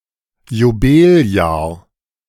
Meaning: alternative form of Jubeljahr
- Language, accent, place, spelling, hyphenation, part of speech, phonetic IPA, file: German, Germany, Berlin, Jobeljahr, Jo‧bel‧jahr, noun, [joˈbeːlˌjaːɐ̯], De-Jobeljahr.ogg